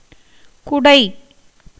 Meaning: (noun) 1. umbrella, parasol, canopy 2. anything hollow; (verb) 1. to scoop, hollow out; to drill, burrow, bore with a tool; to perforate; to make holes (as beetles in wood) 2. to pick one's nose
- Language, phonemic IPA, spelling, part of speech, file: Tamil, /kʊɖɐɪ̯/, குடை, noun / verb, Ta-குடை.ogg